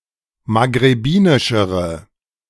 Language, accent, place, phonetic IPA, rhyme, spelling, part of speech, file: German, Germany, Berlin, [maɡʁeˈbiːnɪʃəʁə], -iːnɪʃəʁə, maghrebinischere, adjective, De-maghrebinischere.ogg
- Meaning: inflection of maghrebinisch: 1. strong/mixed nominative/accusative feminine singular comparative degree 2. strong nominative/accusative plural comparative degree